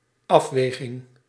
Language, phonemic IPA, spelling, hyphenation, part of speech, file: Dutch, /ˈɑfˌʋeː.ɣɪŋ/, afweging, af‧we‧ging, noun, Nl-afweging.ogg
- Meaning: assessment: the consideration/weighing of alternative possibilities